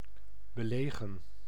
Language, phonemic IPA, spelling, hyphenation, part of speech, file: Dutch, /bəˈleː.ɣə(n)/, belegen, be‧le‧gen, adjective, Nl-belegen.ogg
- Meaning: mature, ripe (said of cheese, fruits, etc.)